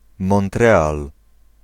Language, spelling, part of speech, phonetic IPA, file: Polish, Montreal, proper noun, [mɔ̃nˈtrɛal], Pl-Montreal.ogg